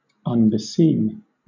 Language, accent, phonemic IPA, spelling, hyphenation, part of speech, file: English, Southern England, /ʌnbɪˈsiːm/, unbeseem, un‧be‧seem, verb, LL-Q1860 (eng)-unbeseem.wav
- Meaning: To be unseemly or unsuitable for